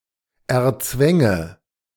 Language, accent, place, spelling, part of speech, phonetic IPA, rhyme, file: German, Germany, Berlin, erzwänge, verb, [ɛɐ̯ˈt͡svɛŋə], -ɛŋə, De-erzwänge.ogg
- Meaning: first/third-person singular subjunctive II of erzwingen